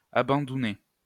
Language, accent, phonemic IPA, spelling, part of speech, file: French, France, /a.bɑ̃.du.ne/, abandounées, verb, LL-Q150 (fra)-abandounées.wav
- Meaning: feminine plural of abandouné